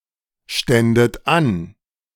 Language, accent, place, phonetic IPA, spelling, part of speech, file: German, Germany, Berlin, [ˌʃtɛndət ˈan], ständet an, verb, De-ständet an.ogg
- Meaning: second-person plural subjunctive II of anstehen